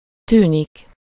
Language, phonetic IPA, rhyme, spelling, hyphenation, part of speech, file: Hungarian, [ˈtyːnik], -yːnik, tűnik, tű‧nik, verb, Hu-tűnik.ogg
- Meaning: 1. to disappear, vanish 2. to seem, appear, come across, look, sound, smell, taste, feel (with -nak/-nek)